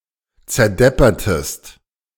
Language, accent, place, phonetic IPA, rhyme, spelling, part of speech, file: German, Germany, Berlin, [t͡sɛɐ̯ˈdɛpɐtəst], -ɛpɐtəst, zerdeppertest, verb, De-zerdeppertest.ogg
- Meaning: inflection of zerdeppern: 1. second-person singular preterite 2. second-person singular subjunctive II